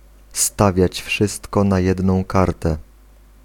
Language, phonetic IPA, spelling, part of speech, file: Polish, [ˈstavʲjät͡ɕ ˈfʃɨstkɔ na‿ˈjɛdnɔ̃w̃ ˈkartɛ], stawiać wszystko na jedną kartę, phrase, Pl-stawiać wszystko na jedną kartę.ogg